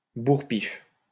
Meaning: thump, punch on the nose
- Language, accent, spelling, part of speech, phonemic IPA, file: French, France, bourre-pif, noun, /buʁ.pif/, LL-Q150 (fra)-bourre-pif.wav